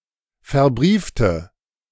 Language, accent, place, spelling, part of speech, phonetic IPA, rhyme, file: German, Germany, Berlin, verbriefte, adjective / verb, [fɛɐ̯ˈbʁiːftə], -iːftə, De-verbriefte.ogg
- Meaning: inflection of verbrieft: 1. strong/mixed nominative/accusative feminine singular 2. strong nominative/accusative plural 3. weak nominative all-gender singular